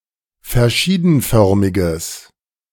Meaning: strong/mixed nominative/accusative neuter singular of verschiedenförmig
- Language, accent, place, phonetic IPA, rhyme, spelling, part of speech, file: German, Germany, Berlin, [fɛɐ̯ˈʃiːdn̩ˌfœʁmɪɡəs], -iːdn̩fœʁmɪɡəs, verschiedenförmiges, adjective, De-verschiedenförmiges.ogg